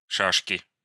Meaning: 1. draughts, checkers (game for two players) 2. inflection of ша́шка (šáška): nominative/accusative plural 3. inflection of ша́шка (šáška): genitive singular
- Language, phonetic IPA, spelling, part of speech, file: Russian, [ˈʂaʂkʲɪ], шашки, noun, Ru-шашки.ogg